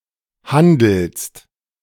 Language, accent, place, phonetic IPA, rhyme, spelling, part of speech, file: German, Germany, Berlin, [ˈhandl̩st], -andl̩st, handelst, verb, De-handelst.ogg
- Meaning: second-person singular present of handeln